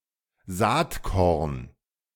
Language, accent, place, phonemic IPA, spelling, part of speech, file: German, Germany, Berlin, /ˈzaːtˌkɔrn/, Saatkorn, noun, De-Saatkorn.ogg
- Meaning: seed corn